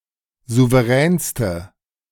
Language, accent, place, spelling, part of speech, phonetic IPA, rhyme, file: German, Germany, Berlin, souveränste, adjective, [ˌzuvəˈʁɛːnstə], -ɛːnstə, De-souveränste.ogg
- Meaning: inflection of souverän: 1. strong/mixed nominative/accusative feminine singular superlative degree 2. strong nominative/accusative plural superlative degree